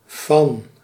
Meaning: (preposition) 1. of (possession, property) 2. of (general association) 3. by, of (creator) 4. from (origin) 5. from (starting point of a movement or change) 6. from (starting point in time)
- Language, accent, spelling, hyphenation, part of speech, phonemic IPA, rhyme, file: Dutch, Netherlands, van, van, preposition / adverb / noun, /vɑn/, -ɑn, Nl-van.ogg